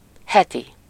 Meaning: weekly, week
- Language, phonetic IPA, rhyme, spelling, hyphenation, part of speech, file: Hungarian, [ˈhɛti], -ti, heti, he‧ti, adjective, Hu-heti.ogg